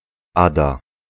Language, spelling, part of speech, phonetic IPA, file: Polish, Ada, proper noun, [ˈada], Pl-Ada.ogg